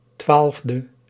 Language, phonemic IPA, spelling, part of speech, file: Dutch, /ˈtwalᵊvdə/, 12e, adjective, Nl-12e.ogg
- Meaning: abbreviation of twaalfde (“twelfth”); 12th